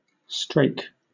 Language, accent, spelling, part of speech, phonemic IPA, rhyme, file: English, Southern England, strake, noun / verb, /ˈstɹeɪk/, -eɪk, LL-Q1860 (eng)-strake.wav
- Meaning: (noun) An iron fitting of a traditional wooden wheel, such as a hub component or bearing (e.g., box, bushel), a cleat, or a rim covering